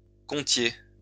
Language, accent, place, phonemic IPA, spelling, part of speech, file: French, France, Lyon, /kɔ̃.tje/, comptiez, verb, LL-Q150 (fra)-comptiez.wav
- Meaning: inflection of compter: 1. second-person plural imperfect indicative 2. second-person plural present subjunctive